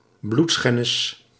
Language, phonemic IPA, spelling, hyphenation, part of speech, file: Dutch, /ˈblutˌsxɛ.nɪs/, bloedschennis, bloed‧schen‧nis, noun, Nl-bloedschennis.ogg
- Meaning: incest